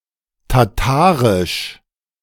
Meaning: Tatar
- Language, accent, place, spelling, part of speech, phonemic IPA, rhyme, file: German, Germany, Berlin, tatarisch, adjective, /taˈtaːʁɪʃ/, -aːʁɪʃ, De-tatarisch.ogg